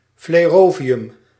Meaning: flerovium
- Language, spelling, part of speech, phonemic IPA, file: Dutch, flerovium, noun, /fleˈroviˌjʏm/, Nl-flerovium.ogg